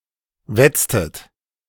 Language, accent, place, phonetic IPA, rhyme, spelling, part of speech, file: German, Germany, Berlin, [ˈvɛt͡stət], -ɛt͡stət, wetztet, verb, De-wetztet.ogg
- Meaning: inflection of wetzen: 1. second-person plural preterite 2. second-person plural subjunctive II